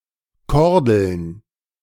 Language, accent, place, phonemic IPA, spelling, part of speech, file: German, Germany, Berlin, /ˈkɔʁdl̩n/, Kordeln, noun, De-Kordeln.ogg
- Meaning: plural of Kordel